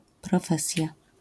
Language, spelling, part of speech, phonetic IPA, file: Polish, profesja, noun, [prɔˈfɛsʲja], LL-Q809 (pol)-profesja.wav